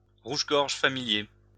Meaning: European robin
- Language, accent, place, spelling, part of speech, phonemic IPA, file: French, France, Lyon, rouge-gorge familier, noun, /ʁuʒ.ɡɔʁ.ʒ(ə) fa.mi.lje/, LL-Q150 (fra)-rouge-gorge familier.wav